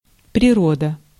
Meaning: nature
- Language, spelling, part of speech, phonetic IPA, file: Russian, природа, noun, [prʲɪˈrodə], Ru-природа.ogg